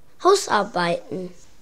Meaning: plural of Hausarbeit
- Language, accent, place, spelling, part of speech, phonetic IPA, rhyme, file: German, Germany, Berlin, Hausarbeiten, noun, [ˈhaʊ̯sʔaʁˌbaɪ̯tn̩], -aʊ̯sʔaʁbaɪ̯tn̩, De-Hausarbeiten.ogg